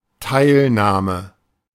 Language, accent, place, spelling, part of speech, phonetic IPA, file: German, Germany, Berlin, Teilnahme, noun, [ˈtaɪ̯lˌnaːmə], De-Teilnahme.ogg
- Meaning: participation